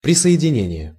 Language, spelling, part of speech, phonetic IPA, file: Russian, присоединение, noun, [prʲɪsə(j)ɪdʲɪˈnʲenʲɪje], Ru-присоединение.ogg
- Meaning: 1. joining, connection, connecting 2. annexation 3. accession, joining (a coming to)